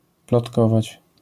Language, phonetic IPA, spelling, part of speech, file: Polish, [plɔtˈkɔvat͡ɕ], plotkować, verb, LL-Q809 (pol)-plotkować.wav